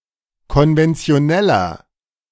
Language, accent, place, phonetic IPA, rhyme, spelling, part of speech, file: German, Germany, Berlin, [kɔnvɛnt͡si̯oˈnɛlɐ], -ɛlɐ, konventioneller, adjective, De-konventioneller.ogg
- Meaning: 1. comparative degree of konventionell 2. inflection of konventionell: strong/mixed nominative masculine singular 3. inflection of konventionell: strong genitive/dative feminine singular